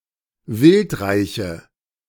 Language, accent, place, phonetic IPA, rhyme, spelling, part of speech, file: German, Germany, Berlin, [ˈvɪltˌʁaɪ̯çə], -ɪltʁaɪ̯çə, wildreiche, adjective, De-wildreiche.ogg
- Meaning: inflection of wildreich: 1. strong/mixed nominative/accusative feminine singular 2. strong nominative/accusative plural 3. weak nominative all-gender singular